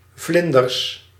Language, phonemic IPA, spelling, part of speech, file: Dutch, /ˈvlɪndərs/, vlinders, noun, Nl-vlinders.ogg
- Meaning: plural of vlinder